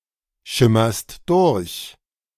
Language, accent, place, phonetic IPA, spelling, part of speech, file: German, Germany, Berlin, [ˌʃɪmɐst ˈdʊʁç], schimmerst durch, verb, De-schimmerst durch.ogg
- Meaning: second-person singular present of durchschimmern